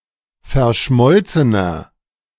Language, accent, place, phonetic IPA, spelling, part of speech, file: German, Germany, Berlin, [fɛɐ̯ˈʃmɔlt͡sənɐ], verschmolzener, adjective, De-verschmolzener.ogg
- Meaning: inflection of verschmolzen: 1. strong/mixed nominative masculine singular 2. strong genitive/dative feminine singular 3. strong genitive plural